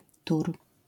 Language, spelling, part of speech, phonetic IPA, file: Polish, tur, noun / interjection, [tur], LL-Q809 (pol)-tur.wav